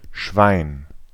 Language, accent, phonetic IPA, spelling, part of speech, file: German, Germany, [ʃʋɑe̯n], Schwein, noun, De-Schwein.ogg
- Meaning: 1. swine, pig 2. a dirty, or contemptible person 3. luck, good fortune